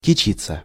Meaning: to put on airs; to boast, to brag
- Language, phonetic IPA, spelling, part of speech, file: Russian, [kʲɪˈt͡ɕit͡sːə], кичиться, verb, Ru-кичиться.ogg